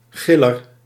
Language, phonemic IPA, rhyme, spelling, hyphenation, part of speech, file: Dutch, /ˈɣɪ.lər/, -ɪlər, giller, gil‧ler, noun, Nl-giller.ogg
- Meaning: 1. something hilarious; (also) something risible, something ridiculous 2. a screamer, a yeller (one who shouts)